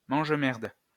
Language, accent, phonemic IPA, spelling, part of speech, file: French, France, /mɑ̃ʒ.mɛʁd/, mange-merde, noun, LL-Q150 (fra)-mange-merde.wav
- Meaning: gobshite (person of very poor judgment)